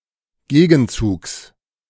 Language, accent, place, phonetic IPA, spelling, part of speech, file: German, Germany, Berlin, [ˈɡeːɡn̩ˌt͡suːks], Gegenzugs, noun, De-Gegenzugs.ogg
- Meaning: genitive singular of Gegenzug